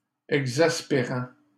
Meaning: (verb) present participle of exaspérer; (adjective) exasperating
- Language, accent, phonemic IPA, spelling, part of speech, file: French, Canada, /ɛɡ.zas.pe.ʁɑ̃/, exaspérant, verb / adjective, LL-Q150 (fra)-exaspérant.wav